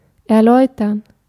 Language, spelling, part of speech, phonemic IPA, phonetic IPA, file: German, erläutern, verb, /ɛʁˈlɔʏ̯təʁn/, [ʔɛɐ̯ˈlɔʏ̯tʰɐn], De-erläutern.ogg
- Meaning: to explain